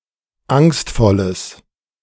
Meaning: strong/mixed nominative/accusative neuter singular of angstvoll
- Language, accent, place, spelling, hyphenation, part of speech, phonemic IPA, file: German, Germany, Berlin, angstvolles, angst‧vol‧les, adjective, /ˈaŋstfɔləs/, De-angstvolles.ogg